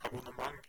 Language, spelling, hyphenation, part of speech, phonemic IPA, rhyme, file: Norwegian Bokmål, abonnement, ab‧on‧ne‧ment, noun, /abʊnəˈmaŋ/, -aŋ, No-abonnement.ogg
- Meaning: 1. a subscription (access to a resource for a period of time, generally for payment) 2. number of subscribers to a magazine, a newspaper or the like